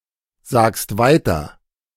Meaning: second-person singular present of weitersagen
- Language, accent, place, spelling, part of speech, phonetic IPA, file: German, Germany, Berlin, sagst weiter, verb, [ˌzaːkst ˈvaɪ̯tɐ], De-sagst weiter.ogg